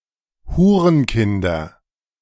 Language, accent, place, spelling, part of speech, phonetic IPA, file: German, Germany, Berlin, Hurenkinder, noun, [ˈhuːʁənˌkɪndɐ], De-Hurenkinder.ogg
- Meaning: nominative/accusative/genitive plural of Hurenkind